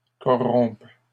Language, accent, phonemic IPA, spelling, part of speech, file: French, Canada, /kɔ.ʁɔ̃p/, corrompe, verb, LL-Q150 (fra)-corrompe.wav
- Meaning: first/third-person singular present subjunctive of corrompre